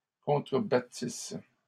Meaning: second-person singular imperfect subjunctive of contrebattre
- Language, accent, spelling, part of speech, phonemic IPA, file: French, Canada, contrebattisses, verb, /kɔ̃.tʁə.ba.tis/, LL-Q150 (fra)-contrebattisses.wav